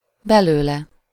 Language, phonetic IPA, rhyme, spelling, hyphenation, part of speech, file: Hungarian, [ˈbɛløːlɛ], -lɛ, belőle, be‧lő‧le, pronoun, Hu-belőle.ogg
- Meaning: 1. out of him/her/it 2. With a verb, noun or phrase that requires -ból/-ből case suffix